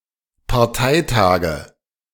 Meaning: nominative/accusative/genitive plural of Parteitag
- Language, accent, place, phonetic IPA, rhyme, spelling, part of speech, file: German, Germany, Berlin, [paʁˈtaɪ̯ˌtaːɡə], -aɪ̯taːɡə, Parteitage, noun, De-Parteitage.ogg